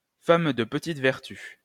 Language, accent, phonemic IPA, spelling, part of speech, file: French, France, /fa.m(ə) də p(ə).tit vɛʁ.ty/, femme de petite vertu, noun, LL-Q150 (fra)-femme de petite vertu.wav
- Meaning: 1. loose woman, strumpet (promiscuous woman) 2. woman of easy virtue, prostitute (woman having sex for profit)